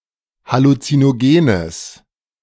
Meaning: strong/mixed nominative/accusative neuter singular of halluzinogen
- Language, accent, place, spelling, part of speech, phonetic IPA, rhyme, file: German, Germany, Berlin, halluzinogenes, adjective, [halut͡sinoˈɡeːnəs], -eːnəs, De-halluzinogenes.ogg